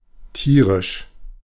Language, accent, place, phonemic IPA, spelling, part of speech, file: German, Germany, Berlin, /ˈtiːʁɪʃ/, tierisch, adjective, De-tierisch.ogg
- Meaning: 1. animal; beastly, brutal 2. extremely